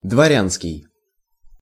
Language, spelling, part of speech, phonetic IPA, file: Russian, дворянский, adjective, [dvɐˈrʲanskʲɪj], Ru-дворянский.ogg
- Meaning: 1. gentry, nobleman 2. nobleman's